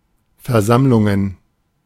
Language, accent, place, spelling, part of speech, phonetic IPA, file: German, Germany, Berlin, Versammlungen, noun, [fɛɐ̯ˈzamlʊŋən], De-Versammlungen.ogg
- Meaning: plural of Versammlung